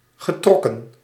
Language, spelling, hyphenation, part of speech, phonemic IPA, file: Dutch, getrokken, ge‧trok‧ken, verb, /ɣəˈtrɔ.kə(n)/, Nl-getrokken.ogg
- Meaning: past participle of trekken